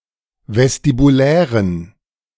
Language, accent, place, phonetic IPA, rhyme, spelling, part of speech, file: German, Germany, Berlin, [vɛstibuˈlɛːʁən], -ɛːʁən, vestibulären, adjective, De-vestibulären.ogg
- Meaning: inflection of vestibulär: 1. strong genitive masculine/neuter singular 2. weak/mixed genitive/dative all-gender singular 3. strong/weak/mixed accusative masculine singular 4. strong dative plural